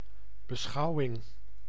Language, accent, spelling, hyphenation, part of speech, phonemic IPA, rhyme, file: Dutch, Netherlands, beschouwing, be‧schou‧wing, noun, /bəˈsxɑu̯.ɪŋ/, -ɑu̯ɪŋ, Nl-beschouwing.ogg
- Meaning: consideration